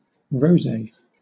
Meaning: Alternative form of rosé wine
- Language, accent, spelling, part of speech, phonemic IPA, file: English, Southern England, rosé, noun, /ˈɹəʊ̯zeɪ̯/, LL-Q1860 (eng)-rosé.wav